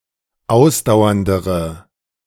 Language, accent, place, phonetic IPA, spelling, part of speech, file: German, Germany, Berlin, [ˈaʊ̯sdaʊ̯ɐndəʁə], ausdauerndere, adjective, De-ausdauerndere.ogg
- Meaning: inflection of ausdauernd: 1. strong/mixed nominative/accusative feminine singular comparative degree 2. strong nominative/accusative plural comparative degree